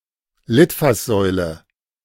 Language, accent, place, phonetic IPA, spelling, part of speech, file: German, Germany, Berlin, [ˈlɪtfasˌzɔʏlə], Litfaßsäule, noun, De-Litfaßsäule.ogg
- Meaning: Morris column (column or pillar used to display posters, advertising, etc.)